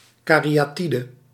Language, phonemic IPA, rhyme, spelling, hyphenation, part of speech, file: Dutch, /ˌkaː.ri.aːˈti.də/, -idə, kariatide, ka‧ri‧a‧ti‧de, noun, Nl-kariatide.ogg
- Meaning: caryatid